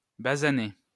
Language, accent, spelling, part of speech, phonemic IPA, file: French, France, basané, verb / adjective, /ba.za.ne/, LL-Q150 (fra)-basané.wav
- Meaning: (verb) past participle of basaner; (adjective) swarthy, dark-skinned